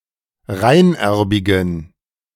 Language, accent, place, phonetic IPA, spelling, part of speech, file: German, Germany, Berlin, [ˈʁaɪ̯nˌʔɛʁbɪɡn̩], reinerbigen, adjective, De-reinerbigen.ogg
- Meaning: inflection of reinerbig: 1. strong genitive masculine/neuter singular 2. weak/mixed genitive/dative all-gender singular 3. strong/weak/mixed accusative masculine singular 4. strong dative plural